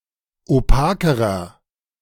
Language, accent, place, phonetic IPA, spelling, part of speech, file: German, Germany, Berlin, [oˈpaːkəʁɐ], opakerer, adjective, De-opakerer.ogg
- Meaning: inflection of opak: 1. strong/mixed nominative masculine singular comparative degree 2. strong genitive/dative feminine singular comparative degree 3. strong genitive plural comparative degree